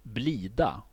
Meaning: a trebuchet
- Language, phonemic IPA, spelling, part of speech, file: Swedish, /ˈbliːˌda/, blida, noun, Sv-blida.ogg